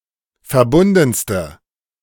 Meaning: inflection of verbunden: 1. strong/mixed nominative/accusative feminine singular superlative degree 2. strong nominative/accusative plural superlative degree
- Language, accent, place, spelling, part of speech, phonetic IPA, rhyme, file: German, Germany, Berlin, verbundenste, adjective, [fɛɐ̯ˈbʊndn̩stə], -ʊndn̩stə, De-verbundenste.ogg